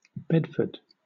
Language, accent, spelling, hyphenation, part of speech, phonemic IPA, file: English, Southern England, Bedford, Bed‧ford, proper noun / noun, /ˈbɛdfə(ɹ)d/, LL-Q1860 (eng)-Bedford.wav
- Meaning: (proper noun) A place name: A number of places in the United Kingdom: A market town, the county town of Bedfordshire, England